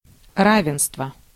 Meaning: equality, parity (fact of being equal)
- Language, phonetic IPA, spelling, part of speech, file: Russian, [ˈravʲɪnstvə], равенство, noun, Ru-равенство.ogg